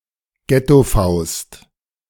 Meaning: alternative spelling of Gettofaust
- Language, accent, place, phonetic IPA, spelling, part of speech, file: German, Germany, Berlin, [ˈɡɛtoˌfaʊ̯st], Ghettofaust, noun, De-Ghettofaust.ogg